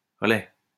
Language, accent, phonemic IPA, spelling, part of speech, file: French, France, /ʁə.lɛ/, relai, noun, LL-Q150 (fra)-relai.wav
- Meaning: post-1990 spelling of relais